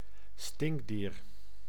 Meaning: skunk, any member of the family Mephitidae
- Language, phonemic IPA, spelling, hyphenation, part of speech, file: Dutch, /ˈstɪŋk.diːr/, stinkdier, stink‧dier, noun, Nl-stinkdier.ogg